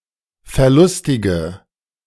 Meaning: inflection of verlustig: 1. strong/mixed nominative/accusative feminine singular 2. strong nominative/accusative plural 3. weak nominative all-gender singular
- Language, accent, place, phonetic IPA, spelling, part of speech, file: German, Germany, Berlin, [fɛɐ̯ˈlʊstɪɡə], verlustige, adjective, De-verlustige.ogg